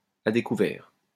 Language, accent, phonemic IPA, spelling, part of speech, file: French, France, /a de.ku.vɛʁ/, à découvert, prepositional phrase, LL-Q150 (fra)-à découvert.wav
- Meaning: 1. in the open, exposed, defenceless 2. in the red, overdrawn